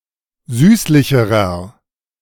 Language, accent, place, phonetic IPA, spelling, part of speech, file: German, Germany, Berlin, [ˈzyːslɪçəʁɐ], süßlicherer, adjective, De-süßlicherer.ogg
- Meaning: inflection of süßlich: 1. strong/mixed nominative masculine singular comparative degree 2. strong genitive/dative feminine singular comparative degree 3. strong genitive plural comparative degree